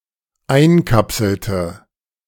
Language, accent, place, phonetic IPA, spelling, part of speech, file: German, Germany, Berlin, [ˈaɪ̯nˌkapsl̩tə], einkapselte, verb, De-einkapselte.ogg
- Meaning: inflection of einkapseln: 1. first/third-person singular dependent preterite 2. first/third-person singular dependent subjunctive II